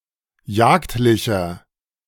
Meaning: inflection of jagdlich: 1. strong/mixed nominative masculine singular 2. strong genitive/dative feminine singular 3. strong genitive plural
- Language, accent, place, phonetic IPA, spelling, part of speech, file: German, Germany, Berlin, [ˈjaːktlɪçɐ], jagdlicher, adjective, De-jagdlicher.ogg